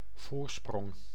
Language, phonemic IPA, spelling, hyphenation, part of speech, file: Dutch, /ˈvoːr.sprɔŋ/, voorsprong, voor‧sprong, noun, Nl-voorsprong.ogg
- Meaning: 1. lead (e.g., in a race or in the polls) 2. head start